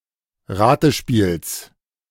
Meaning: genitive singular of Ratespiel
- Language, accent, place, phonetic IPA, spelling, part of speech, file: German, Germany, Berlin, [ˈʁaːtəˌʃpiːls], Ratespiels, noun, De-Ratespiels.ogg